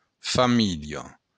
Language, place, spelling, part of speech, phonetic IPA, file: Occitan, Béarn, familha, noun, [faˈmiʎɒ], LL-Q14185 (oci)-familha.wav
- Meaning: family